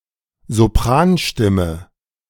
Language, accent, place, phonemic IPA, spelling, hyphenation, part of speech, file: German, Germany, Berlin, /zoˈpʁaːnˌʃtɪmə/, Sopranstimme, So‧p‧ran‧stim‧me, noun, De-Sopranstimme.ogg
- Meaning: 1. soprano (pitch) 2. sheet music for soprano